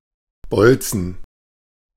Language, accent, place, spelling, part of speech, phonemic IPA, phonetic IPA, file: German, Germany, Berlin, Bolzen, noun, /ˈbɔlt͡sən/, [ˈbɔlt͡sn̩], De-Bolzen.ogg
- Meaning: 1. bolt (cylindrical pin) 2. bolt (crossbow projectile) 3. penis